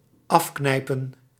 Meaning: 1. to squeeze shut 2. to pinch off dried-out flowers 3. to shake or squeeze the penis after urination
- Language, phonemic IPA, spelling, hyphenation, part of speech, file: Dutch, /ˈɑfˌknɛi̯.pə(n)/, afknijpen, af‧knij‧pen, verb, Nl-afknijpen.ogg